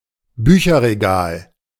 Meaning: bookcase, bookshelf (piece of furniture for the storage and display of books)
- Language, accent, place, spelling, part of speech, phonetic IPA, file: German, Germany, Berlin, Bücherregal, noun, [ˈbyːçɐʁeˌɡaːl], De-Bücherregal.ogg